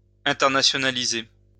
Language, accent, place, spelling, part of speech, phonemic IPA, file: French, France, Lyon, internationaliser, verb, /ɛ̃.tɛʁ.na.sjɔ.na.li.ze/, LL-Q150 (fra)-internationaliser.wav
- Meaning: to internationalize